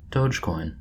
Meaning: 1. A cryptocurrency featuring the Shiba Inu from the "doge" meme as its logo 2. A unit of this currency. Symbols: Ð, DOGE
- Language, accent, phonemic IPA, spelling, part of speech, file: English, US, /ˈdəʊd͡ʒkɔɪn/, dogecoin, noun, En-us-dogecoin.oga